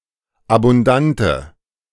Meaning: inflection of abundant: 1. strong/mixed nominative/accusative feminine singular 2. strong nominative/accusative plural 3. weak nominative all-gender singular
- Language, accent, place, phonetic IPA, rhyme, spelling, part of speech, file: German, Germany, Berlin, [abʊnˈdantə], -antə, abundante, adjective, De-abundante.ogg